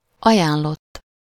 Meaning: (verb) 1. third-person singular indicative past indefinite of ajánl 2. past participle of ajánl; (adjective) 1. suggested, recommended 2. registered (mail)
- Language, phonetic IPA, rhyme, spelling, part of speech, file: Hungarian, [ˈɒjaːnlotː], -otː, ajánlott, verb / adjective, Hu-ajánlott.ogg